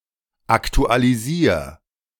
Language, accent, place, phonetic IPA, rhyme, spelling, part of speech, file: German, Germany, Berlin, [ˌaktualiˈziːɐ̯], -iːɐ̯, aktualisier, verb, De-aktualisier.ogg
- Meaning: 1. singular imperative of aktualisieren 2. first-person singular present of aktualisieren